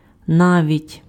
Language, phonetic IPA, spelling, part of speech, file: Ukrainian, [ˈnaʋʲitʲ], навіть, adverb, Uk-навіть.ogg
- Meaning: even (implying an extreme example)